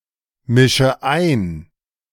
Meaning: inflection of einmischen: 1. first-person singular present 2. first/third-person singular subjunctive I 3. singular imperative
- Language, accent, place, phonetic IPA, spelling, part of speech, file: German, Germany, Berlin, [ˌmɪʃə ˈaɪ̯n], mische ein, verb, De-mische ein.ogg